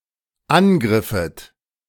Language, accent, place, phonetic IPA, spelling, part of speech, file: German, Germany, Berlin, [ˈanˌɡʁɪfət], angriffet, verb, De-angriffet.ogg
- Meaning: second-person plural dependent subjunctive II of angreifen